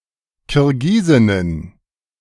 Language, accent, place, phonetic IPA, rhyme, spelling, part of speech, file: German, Germany, Berlin, [kɪʁˈɡiːzɪnən], -iːzɪnən, Kirgisinnen, noun, De-Kirgisinnen.ogg
- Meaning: plural of Kirgisin